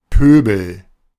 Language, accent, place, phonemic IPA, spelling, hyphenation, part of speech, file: German, Germany, Berlin, /ˈpøːbəl/, Pöbel, Pö‧bel, noun, De-Pöbel.ogg
- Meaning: 1. mob 2. riffraff